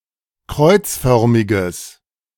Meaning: strong/mixed nominative/accusative neuter singular of kreuzförmig
- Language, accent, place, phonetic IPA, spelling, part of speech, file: German, Germany, Berlin, [ˈkʁɔɪ̯t͡sˌfœʁmɪɡəs], kreuzförmiges, adjective, De-kreuzförmiges.ogg